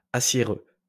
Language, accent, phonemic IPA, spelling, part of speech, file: French, France, /a.sje.ʁø/, aciéreux, adjective, LL-Q150 (fra)-aciéreux.wav
- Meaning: steely